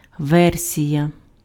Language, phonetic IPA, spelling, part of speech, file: Ukrainian, [ˈʋɛrsʲijɐ], версія, noun, Uk-версія.ogg
- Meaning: version